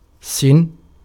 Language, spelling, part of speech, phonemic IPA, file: Arabic, سن, noun, /sinn/, Ar-سن.ogg
- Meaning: 1. tooth, tusk, fang 2. point or tip 3. a spearhead or arrowhead 4. age (years of life) 5. cog, sprocket, prong